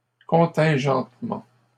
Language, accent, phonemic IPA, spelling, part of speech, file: French, Canada, /kɔ̃.tɛ̃.ʒɑ̃t.mɑ̃/, contingentement, noun, LL-Q150 (fra)-contingentement.wav
- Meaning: quota